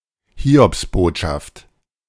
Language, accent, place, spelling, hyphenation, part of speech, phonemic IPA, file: German, Germany, Berlin, Hiobsbotschaft, Hi‧obs‧bot‧schaft, noun, /ˈhiːɔpsˌboːtʃaft/, De-Hiobsbotschaft.ogg
- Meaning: Job's news, bad news